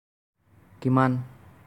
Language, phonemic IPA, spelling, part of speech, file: Assamese, /ki.mɑn/, কিমান, adverb, As-কিমান.ogg
- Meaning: 1. how much 2. how (to what extent)